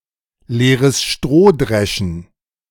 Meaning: to talk pointlessly
- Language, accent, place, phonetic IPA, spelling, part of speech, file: German, Germany, Berlin, [ˈleːʁəs ˈʃtʁoː ˌdʁɛʃn̩], leeres Stroh dreschen, phrase, De-leeres Stroh dreschen.ogg